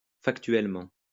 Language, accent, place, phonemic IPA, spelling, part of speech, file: French, France, Lyon, /fak.tɥɛl.mɑ̃/, factuellement, adverb, LL-Q150 (fra)-factuellement.wav
- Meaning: factually